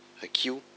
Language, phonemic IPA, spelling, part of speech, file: Malagasy, /akiʷ/, akio, noun, Mg-akio.ogg
- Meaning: shark